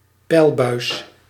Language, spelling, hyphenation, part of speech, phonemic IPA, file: Dutch, peilbuis, peil‧buis, noun, /ˈpɛi̯l.bœy̯s/, Nl-peilbuis.ogg
- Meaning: pipe or duct used to measure the water table